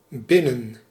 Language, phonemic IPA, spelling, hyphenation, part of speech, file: Dutch, /ˈbɪ.nə(n)/, binnen, bin‧nen, adverb / preposition / adjective, Nl-binnen.ogg
- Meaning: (adverb) 1. inside, indoors 2. (to) inside, into; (preposition) 1. inside, within 2. within (a time)